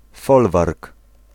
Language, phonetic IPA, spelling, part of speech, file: Polish, [ˈfɔlvark], folwark, noun, Pl-folwark.ogg